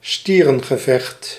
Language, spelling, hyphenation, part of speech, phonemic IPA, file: Dutch, stierengevecht, stie‧ren‧ge‧vecht, noun, /ˈstiː.rə(n).ɣəˌvɛxt/, Nl-stierengevecht.ogg
- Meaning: bullfight